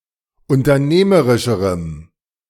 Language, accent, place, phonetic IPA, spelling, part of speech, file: German, Germany, Berlin, [ʊntɐˈneːməʁɪʃəʁəm], unternehmerischerem, adjective, De-unternehmerischerem.ogg
- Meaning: strong dative masculine/neuter singular comparative degree of unternehmerisch